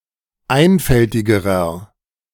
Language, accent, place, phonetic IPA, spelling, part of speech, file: German, Germany, Berlin, [ˈaɪ̯nfɛltɪɡəʁɐ], einfältigerer, adjective, De-einfältigerer.ogg
- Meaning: inflection of einfältig: 1. strong/mixed nominative masculine singular comparative degree 2. strong genitive/dative feminine singular comparative degree 3. strong genitive plural comparative degree